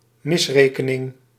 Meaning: 1. miscalculation 2. disappointment
- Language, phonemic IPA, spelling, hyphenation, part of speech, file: Dutch, /ˈmɪsrekəˌnɪŋ/, misrekening, mis‧re‧ke‧ning, noun, Nl-misrekening.ogg